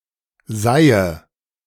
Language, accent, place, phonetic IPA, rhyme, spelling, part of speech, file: German, Germany, Berlin, [ˈzaɪ̯ə], -aɪ̯ə, seihe, verb, De-seihe.ogg
- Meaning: inflection of seihen: 1. first-person singular present 2. first/third-person singular subjunctive I 3. singular imperative